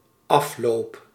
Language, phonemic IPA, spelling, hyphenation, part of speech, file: Dutch, /ˈɑf.loːp/, afloop, af‧loop, noun / verb, Nl-afloop.ogg
- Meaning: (noun) ending, result, termination; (verb) first-person singular dependent-clause present indicative of aflopen